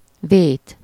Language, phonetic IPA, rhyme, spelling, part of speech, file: Hungarian, [ˈveːt], -eːt, vét, verb / noun, Hu-vét.ogg
- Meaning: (verb) 1. to wrong someone, to do wrong to someone (-nak/-nek, ellen) 2. to transgress, violate, infringe a rule (ellen) 3. to sin (against someone or something: ellen) 4. to err, to make a mistake